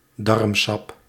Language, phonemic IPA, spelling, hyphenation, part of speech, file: Dutch, /ˈdɑrm.sɑp/, darmsap, darm‧sap, noun, Nl-darmsap.ogg
- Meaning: intestinal juice